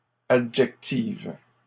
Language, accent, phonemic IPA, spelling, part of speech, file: French, Canada, /a.dʒɛk.tiv/, adjectives, adjective, LL-Q150 (fra)-adjectives.wav
- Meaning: feminine plural of adjectif